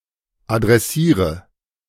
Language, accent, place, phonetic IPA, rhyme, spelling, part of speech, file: German, Germany, Berlin, [adʁɛˈsiːʁə], -iːʁə, adressiere, verb, De-adressiere.ogg
- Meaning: inflection of adressieren: 1. first-person singular present 2. singular imperative 3. first/third-person singular subjunctive I